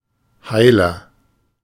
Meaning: 1. comparative degree of heil 2. inflection of heil: strong/mixed nominative masculine singular 3. inflection of heil: strong genitive/dative feminine singular
- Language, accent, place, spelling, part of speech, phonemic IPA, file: German, Germany, Berlin, heiler, adjective, /ˈhaɪ̯lɐ/, De-heiler.ogg